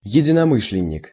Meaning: like-minded person; associate; accomplice, adherent
- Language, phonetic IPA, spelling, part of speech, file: Russian, [(j)ɪdʲɪnɐˈmɨʂlʲɪnʲ(ː)ɪk], единомышленник, noun, Ru-единомышленник.ogg